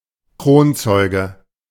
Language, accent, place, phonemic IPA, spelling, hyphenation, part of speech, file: German, Germany, Berlin, /ˈkʁoːnˌt͡sɔɪ̯ɡə/, Kronzeuge, Kron‧zeu‧ge, noun, De-Kronzeuge.ogg
- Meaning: principal witness